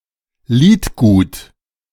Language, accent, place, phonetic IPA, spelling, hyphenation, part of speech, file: German, Germany, Berlin, [ˈliːtɡuːt], Liedgut, Lied‧gut, noun, De-Liedgut.ogg
- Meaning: body of songs